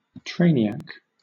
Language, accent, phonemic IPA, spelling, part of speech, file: English, Southern England, /ˈtɹeɪniˌæk/, trainiac, noun, LL-Q1860 (eng)-trainiac.wav
- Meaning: A railway enthusiast